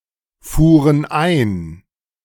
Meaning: first/third-person plural preterite of einfahren
- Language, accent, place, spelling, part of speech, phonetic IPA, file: German, Germany, Berlin, fuhren ein, verb, [ˌfuːʁən ˈaɪ̯n], De-fuhren ein.ogg